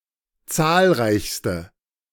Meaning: inflection of zahlreich: 1. strong/mixed nominative/accusative feminine singular superlative degree 2. strong nominative/accusative plural superlative degree
- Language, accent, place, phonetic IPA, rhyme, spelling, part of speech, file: German, Germany, Berlin, [ˈt͡saːlˌʁaɪ̯çstə], -aːlʁaɪ̯çstə, zahlreichste, adjective, De-zahlreichste.ogg